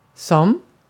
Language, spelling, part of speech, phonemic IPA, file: Swedish, som, adverb / conjunction / pronoun, /sɔm/, Sv-som.ogg
- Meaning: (adverb) 1. at its/his/hers 2. the; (conjunction) 1. as, like 2. as (in the role of) 3. as (the way); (pronoun) 1. who, which, that 2. as; to the same extent or degree that